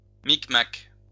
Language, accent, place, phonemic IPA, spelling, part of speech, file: French, France, Lyon, /mik.mak/, micmac, noun, LL-Q150 (fra)-micmac.wav
- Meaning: 1. carry-on, jiggery-pokery, intrigues, shenanigans 2. Mi'kmaq (language)